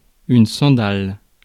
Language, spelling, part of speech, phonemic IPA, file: French, sandale, noun, /sɑ̃.dal/, Fr-sandale.ogg
- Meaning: sandal (type of footwear)